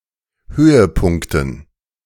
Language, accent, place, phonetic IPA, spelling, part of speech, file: German, Germany, Berlin, [ˈhøːəˌpʊŋktn̩], Höhepunkten, noun, De-Höhepunkten.ogg
- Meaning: dative plural of Höhepunkt